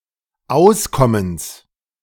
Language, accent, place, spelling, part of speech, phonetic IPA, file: German, Germany, Berlin, Auskommens, noun, [ˈaʊ̯sˌkɔməns], De-Auskommens.ogg
- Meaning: genitive singular of Auskommen